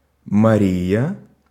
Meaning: 1. a female given name, equivalent to English Maria or Mary 2. Mary
- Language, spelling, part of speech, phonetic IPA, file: Russian, Мария, proper noun, [mɐˈrʲijə], Ru-Мария.ogg